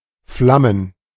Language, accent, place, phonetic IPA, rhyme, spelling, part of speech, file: German, Germany, Berlin, [ˈflamən], -amən, Flammen, noun, De-Flammen.ogg
- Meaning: plural of Flamme "flames"